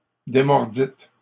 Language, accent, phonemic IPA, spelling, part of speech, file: French, Canada, /de.mɔʁ.dit/, démordîtes, verb, LL-Q150 (fra)-démordîtes.wav
- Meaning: second-person plural past historic of démordre